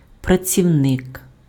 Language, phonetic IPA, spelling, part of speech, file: Ukrainian, [prɐt͡sʲiu̯ˈnɪk], працівник, noun, Uk-працівник.ogg
- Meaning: 1. employee, worker 2. toiler (hard-working person)